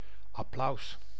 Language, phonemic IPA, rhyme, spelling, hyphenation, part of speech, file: Dutch, /ɑˈplɑu̯s/, -ɑu̯s, applaus, ap‧plaus, noun, Nl-applaus.ogg
- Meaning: applause